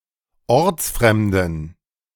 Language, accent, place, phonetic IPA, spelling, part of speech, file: German, Germany, Berlin, [ˈɔʁt͡sˌfʁɛmdn̩], ortsfremden, adjective, De-ortsfremden.ogg
- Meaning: inflection of ortsfremd: 1. strong genitive masculine/neuter singular 2. weak/mixed genitive/dative all-gender singular 3. strong/weak/mixed accusative masculine singular 4. strong dative plural